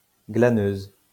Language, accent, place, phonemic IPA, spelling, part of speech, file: French, France, Lyon, /ɡla.nøz/, glaneuse, noun, LL-Q150 (fra)-glaneuse.wav
- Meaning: female equivalent of glaneur